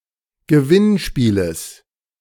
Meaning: genitive of Gewinnspiel
- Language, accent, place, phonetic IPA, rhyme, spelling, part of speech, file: German, Germany, Berlin, [ɡəˈvɪnˌʃpiːləs], -ɪnʃpiːləs, Gewinnspieles, noun, De-Gewinnspieles.ogg